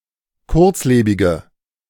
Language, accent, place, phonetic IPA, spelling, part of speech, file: German, Germany, Berlin, [ˈkʊʁt͡sˌleːbɪɡə], kurzlebige, adjective, De-kurzlebige.ogg
- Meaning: inflection of kurzlebig: 1. strong/mixed nominative/accusative feminine singular 2. strong nominative/accusative plural 3. weak nominative all-gender singular